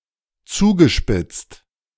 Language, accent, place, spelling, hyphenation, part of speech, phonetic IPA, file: German, Germany, Berlin, zugespitzt, zu‧ge‧spitzt, verb / adjective, [ˈt͡suːɡəˌʃpɪt͡st], De-zugespitzt.ogg
- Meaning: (verb) past participle of zuspitzen; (adjective) 1. acute, pointed, sharpened, intensified 2. worsened, exacerbated, escalating, deepening 3. exaggerated, overstated